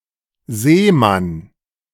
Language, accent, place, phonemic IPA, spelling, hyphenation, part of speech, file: German, Germany, Berlin, /ˈzeːman/, Seemann, See‧mann, noun, De-Seemann.ogg
- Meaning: 1. sailor (worker on a ship) 2. seaman